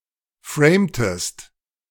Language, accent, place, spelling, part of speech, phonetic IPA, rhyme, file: German, Germany, Berlin, framtest, verb, [ˈfʁeːmtəst], -eːmtəst, De-framtest.ogg
- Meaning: inflection of framen: 1. second-person singular preterite 2. second-person singular subjunctive II